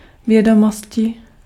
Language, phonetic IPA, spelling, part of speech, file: Czech, [ˈvjɛdomoscɪ], vědomosti, noun, Cs-vědomosti.ogg
- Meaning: 1. inflection of vědomost: genitive/dative/vocative/locative singular 2. inflection of vědomost: nominative/accusative/vocative plural 3. knowledge